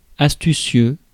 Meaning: astute
- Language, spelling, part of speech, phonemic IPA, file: French, astucieux, adjective, /as.ty.sjø/, Fr-astucieux.ogg